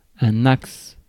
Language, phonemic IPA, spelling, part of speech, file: French, /aks/, axe, noun, Fr-axe.ogg
- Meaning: 1. axis 2. axle